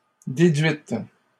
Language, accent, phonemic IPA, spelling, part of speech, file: French, Canada, /de.dɥit/, déduite, adjective, LL-Q150 (fra)-déduite.wav
- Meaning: feminine singular of déduit